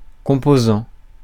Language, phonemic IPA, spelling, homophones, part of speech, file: French, /kɔ̃.po.zɑ̃/, composant, composants, noun / adjective / verb, Fr-composant.ogg
- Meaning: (noun) component (smaller, self-contained part of larger entity); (adjective) component; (verb) present participle of composer